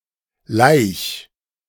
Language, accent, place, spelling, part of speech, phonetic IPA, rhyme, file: German, Germany, Berlin, laich, verb, [laɪ̯ç], -aɪ̯ç, De-laich.ogg
- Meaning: 1. singular imperative of laichen 2. first-person singular present of laichen